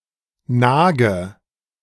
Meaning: inflection of nagen: 1. first-person singular present 2. first/third-person singular subjunctive I 3. singular imperative
- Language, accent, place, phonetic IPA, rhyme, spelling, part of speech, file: German, Germany, Berlin, [ˈnaːɡə], -aːɡə, nage, verb, De-nage.ogg